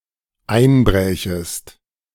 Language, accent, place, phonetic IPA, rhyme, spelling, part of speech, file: German, Germany, Berlin, [ˈaɪ̯nˌbʁɛːçəst], -aɪ̯nbʁɛːçəst, einbrächest, verb, De-einbrächest.ogg
- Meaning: second-person singular dependent subjunctive II of einbrechen